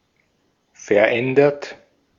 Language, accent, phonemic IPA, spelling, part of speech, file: German, Austria, /fɛɐ̯ˈʔɛndɐt/, verändert, verb / adjective, De-at-verändert.ogg
- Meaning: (verb) past participle of verändern; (adjective) changed, altered; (verb) inflection of verändern: 1. third-person singular present 2. second-person plural present 3. plural imperative